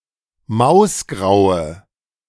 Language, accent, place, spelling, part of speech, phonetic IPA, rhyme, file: German, Germany, Berlin, mausgraue, adjective, [ˈmaʊ̯sˌɡʁaʊ̯ə], -aʊ̯sɡʁaʊ̯ə, De-mausgraue.ogg
- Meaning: inflection of mausgrau: 1. strong/mixed nominative/accusative feminine singular 2. strong nominative/accusative plural 3. weak nominative all-gender singular